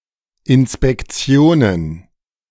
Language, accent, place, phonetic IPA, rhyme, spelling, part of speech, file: German, Germany, Berlin, [ɪnspɛkˈt͡si̯oːnən], -oːnən, Inspektionen, noun, De-Inspektionen.ogg
- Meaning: plural of Inspektion